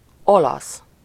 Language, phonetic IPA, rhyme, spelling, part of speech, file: Hungarian, [ˈolɒs], -ɒs, olasz, adjective / noun, Hu-olasz.ogg
- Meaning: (adjective) Italian (of, from, or relating to Italy, its people or language); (noun) 1. Italian (an inhabitant of Italy or a person of Italian descent) 2. Italian (the official language of Italy)